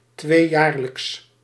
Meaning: biennial
- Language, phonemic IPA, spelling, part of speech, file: Dutch, /ˈtwejarləks/, tweejaarlijks, adjective, Nl-tweejaarlijks.ogg